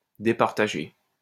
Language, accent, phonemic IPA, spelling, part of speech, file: French, France, /de.paʁ.ta.ʒe/, départager, verb, LL-Q150 (fra)-départager.wav
- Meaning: 1. to shift the balance between two parties of, or break the tie between, decide between 2. to divide, separate 3. to isolate, separate, determine 4. to distinguish, differentiate, or decide between